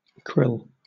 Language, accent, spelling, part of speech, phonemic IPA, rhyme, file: English, Southern England, krill, noun, /kɹɪl/, -ɪl, LL-Q1860 (eng)-krill.wav
- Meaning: 1. Any of several small marine crustacean species of plankton in the order Euphausiacea in the class Malacostraca 2. Crack cocaine